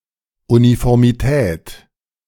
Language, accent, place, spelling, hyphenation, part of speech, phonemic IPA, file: German, Germany, Berlin, Uniformität, Uni‧for‧mi‧tät, noun, /ˌunifɔʁmiˈtɛːt/, De-Uniformität.ogg
- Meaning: uniformity